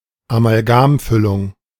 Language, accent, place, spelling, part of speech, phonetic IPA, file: German, Germany, Berlin, Amalgamfüllung, noun, [amalˈɡaːmˌfʏlʊŋ], De-Amalgamfüllung.ogg
- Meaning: amalgam filling